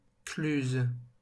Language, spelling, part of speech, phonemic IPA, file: French, cluse, noun, /klyz/, LL-Q150 (fra)-cluse.wav
- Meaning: 1. water gap 2. defile